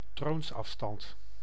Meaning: abdication (from monarchic rule or reign)
- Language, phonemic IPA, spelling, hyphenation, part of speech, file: Dutch, /ˈtroːns.ɑfˌstɑnt/, troonsafstand, troons‧af‧stand, noun, Nl-troonsafstand.ogg